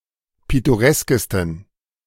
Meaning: 1. superlative degree of pittoresk 2. inflection of pittoresk: strong genitive masculine/neuter singular superlative degree
- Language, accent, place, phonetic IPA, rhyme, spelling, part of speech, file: German, Germany, Berlin, [ˌpɪtoˈʁɛskəstn̩], -ɛskəstn̩, pittoreskesten, adjective, De-pittoreskesten.ogg